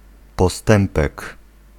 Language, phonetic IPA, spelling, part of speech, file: Polish, [pɔˈstɛ̃mpɛk], postępek, noun, Pl-postępek.ogg